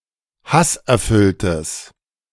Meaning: strong/mixed nominative/accusative neuter singular of hasserfüllt
- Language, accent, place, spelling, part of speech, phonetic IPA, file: German, Germany, Berlin, hasserfülltes, adjective, [ˈhasʔɛɐ̯ˌfʏltəs], De-hasserfülltes.ogg